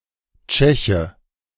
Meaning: Czech (man from the Czech Republic)
- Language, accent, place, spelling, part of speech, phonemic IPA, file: German, Germany, Berlin, Tscheche, noun, /ˈt͡ʃɛçə/, De-Tscheche.ogg